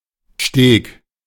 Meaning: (noun) A path, footbridge, or catwalk, usually made of wooden planks, often over water or wet or muddy ground; a jetty; a gangplank; duckboards
- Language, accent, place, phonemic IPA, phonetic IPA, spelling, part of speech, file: German, Germany, Berlin, /ʃteːk/, [ʃteːkʰ], Steg, noun / proper noun, De-Steg.ogg